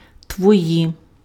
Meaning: inflection of твій (tvij): 1. nominative/vocative plural 2. inanimate accusative plural
- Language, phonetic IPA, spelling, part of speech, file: Ukrainian, [twɔˈji], твої, pronoun, Uk-твої.ogg